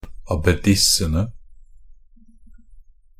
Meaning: definite plural of abbedisse
- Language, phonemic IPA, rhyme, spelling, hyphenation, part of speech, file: Norwegian Bokmål, /abeˈdɪsːənə/, -ənə, abbedissene, ab‧be‧dis‧se‧ne, noun, NB - Pronunciation of Norwegian Bokmål «abbedissene».ogg